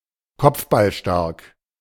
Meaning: good at heading the ball
- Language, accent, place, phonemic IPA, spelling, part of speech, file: German, Germany, Berlin, /ˈkɔpfbalˌʃtaʁk/, kopfballstark, adjective, De-kopfballstark.ogg